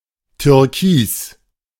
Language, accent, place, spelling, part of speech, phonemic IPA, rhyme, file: German, Germany, Berlin, türkis, adjective, /tʏʁˈkiːs/, -iːs, De-türkis.ogg
- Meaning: turquoise (colour)